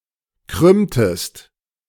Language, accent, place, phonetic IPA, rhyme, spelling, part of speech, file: German, Germany, Berlin, [ˈkʁʏmtəst], -ʏmtəst, krümmtest, verb, De-krümmtest.ogg
- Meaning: inflection of krümmen: 1. second-person singular preterite 2. second-person singular subjunctive II